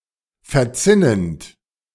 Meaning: present participle of verzinnen
- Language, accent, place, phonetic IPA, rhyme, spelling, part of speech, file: German, Germany, Berlin, [fɛɐ̯ˈt͡sɪnənt], -ɪnənt, verzinnend, verb, De-verzinnend.ogg